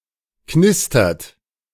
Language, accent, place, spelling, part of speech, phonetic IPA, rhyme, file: German, Germany, Berlin, knistert, verb, [ˈknɪstɐt], -ɪstɐt, De-knistert.ogg
- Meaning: inflection of knistern: 1. third-person singular present 2. second-person plural present 3. plural imperative